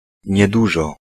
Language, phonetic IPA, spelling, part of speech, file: Polish, [ɲɛˈduʒɔ], niedużo, adverb, Pl-niedużo.ogg